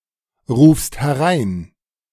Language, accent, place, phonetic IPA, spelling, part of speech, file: German, Germany, Berlin, [ˌʁuːfst hɛˈʁaɪ̯n], rufst herein, verb, De-rufst herein.ogg
- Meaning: second-person singular present of hereinrufen